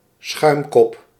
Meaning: 1. the foamy crest of a wave 2. a top layer of foam on something else, especially a liquid
- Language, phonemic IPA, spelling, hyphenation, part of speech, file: Dutch, /ˈsxœy̯m.kɔp/, schuimkop, schuim‧kop, noun, Nl-schuimkop.ogg